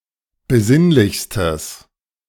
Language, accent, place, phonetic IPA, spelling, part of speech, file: German, Germany, Berlin, [bəˈzɪnlɪçstəs], besinnlichstes, adjective, De-besinnlichstes.ogg
- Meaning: strong/mixed nominative/accusative neuter singular superlative degree of besinnlich